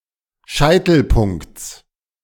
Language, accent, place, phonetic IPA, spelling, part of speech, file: German, Germany, Berlin, [ˈʃaɪ̯tl̩ˌpʊŋkt͡s], Scheitelpunkts, noun, De-Scheitelpunkts.ogg
- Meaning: genitive singular of Scheitelpunkt